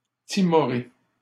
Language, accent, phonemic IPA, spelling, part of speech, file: French, Canada, /ti.mɔ.ʁe/, timoré, adjective, LL-Q150 (fra)-timoré.wav
- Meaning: timorous, timid, fearful (lacking in courage or confidence)